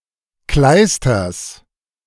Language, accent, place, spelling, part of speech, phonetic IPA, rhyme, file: German, Germany, Berlin, Kleisters, noun, [ˈklaɪ̯stɐs], -aɪ̯stɐs, De-Kleisters.ogg
- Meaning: genitive of Kleister